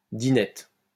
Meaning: tea party
- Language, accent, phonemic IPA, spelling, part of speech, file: French, France, /di.nɛt/, dînette, noun, LL-Q150 (fra)-dînette.wav